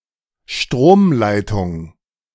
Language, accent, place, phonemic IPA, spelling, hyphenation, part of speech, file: German, Germany, Berlin, /ˈʃtʁoːmˌlaɪ̯tʊŋ/, Stromleitung, Strom‧lei‧tung, noun, De-Stromleitung.ogg
- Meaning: power line